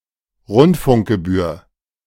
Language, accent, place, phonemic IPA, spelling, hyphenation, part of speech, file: German, Germany, Berlin, /ˈrʊntfʊŋkɡəbyːɐ̯/, Rundfunkgebühr, Rund‧funk‧ge‧bühr, noun, De-Rundfunkgebühr.ogg
- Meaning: broadcasting fee, licence fee